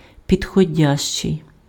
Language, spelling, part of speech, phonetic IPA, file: Ukrainian, підходящий, adjective, [pʲidxɔˈdʲaʃt͡ʃei̯], Uk-підходящий.ogg
- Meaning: suitable, appropriate, fitting, right, apt